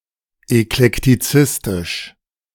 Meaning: 1. eclectic 2. of eclecticism
- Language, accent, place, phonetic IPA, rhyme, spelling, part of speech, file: German, Germany, Berlin, [ɛklɛktiˈt͡sɪstɪʃ], -ɪstɪʃ, eklektizistisch, adjective, De-eklektizistisch.ogg